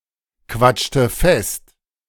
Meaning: inflection of festquatschen: 1. first/third-person singular preterite 2. first/third-person singular subjunctive II
- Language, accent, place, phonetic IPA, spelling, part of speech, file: German, Germany, Berlin, [ˌkvat͡ʃtə ˈfɛst], quatschte fest, verb, De-quatschte fest.ogg